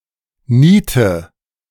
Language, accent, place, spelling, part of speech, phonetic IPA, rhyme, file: German, Germany, Berlin, niete, verb, [ˈniːtə], -iːtə, De-niete.ogg
- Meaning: inflection of nieten: 1. first-person singular present 2. singular imperative 3. first/third-person singular subjunctive I